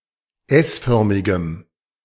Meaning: strong dative masculine/neuter singular of s-förmig
- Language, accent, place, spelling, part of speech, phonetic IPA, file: German, Germany, Berlin, s-förmigem, adjective, [ˈɛsˌfœʁmɪɡəm], De-s-förmigem.ogg